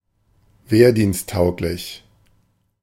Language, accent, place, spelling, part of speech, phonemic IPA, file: German, Germany, Berlin, wehrdiensttauglich, adjective, /ˈveːɐ̯diːnstˌtaʊ̯klɪç/, De-wehrdiensttauglich.ogg
- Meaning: fit for military service